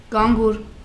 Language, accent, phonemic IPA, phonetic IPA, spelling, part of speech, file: Armenian, Eastern Armenian, /ɡɑnˈɡuɾ/, [ɡɑŋɡúɾ], գանգուր, noun / adjective, Hy-գանգուր.ogg
- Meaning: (noun) 1. lock, ringlet, curl (of hair) 2. twist, winding, wave; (adjective) 1. curly, wavy (of hair) 2. twisting, winding, wavy (of an object)